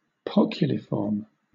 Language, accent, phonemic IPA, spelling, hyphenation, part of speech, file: English, Southern England, /ˈpɒkjʊlɪfɔːm/, poculiform, poc‧u‧li‧form, adjective / noun, LL-Q1860 (eng)-poculiform.wav
- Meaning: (adjective) Having the shape of a goblet or drinking cup; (noun) A variety of snowdrop with petals of the same length